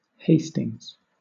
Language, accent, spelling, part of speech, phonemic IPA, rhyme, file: English, Southern England, Hastings, proper noun, /ˈheɪ.stɪŋz/, -eɪstɪŋz, LL-Q1860 (eng)-Hastings.wav
- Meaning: A place name, including: 1. A town and borough in East Sussex, England 2. A hamlet in Ashill parish, Somerset, England (OS grid ref ST3116)